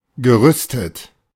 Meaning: past participle of rüsten
- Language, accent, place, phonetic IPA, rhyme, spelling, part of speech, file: German, Germany, Berlin, [ɡəˈʁʏstət], -ʏstət, gerüstet, verb, De-gerüstet.ogg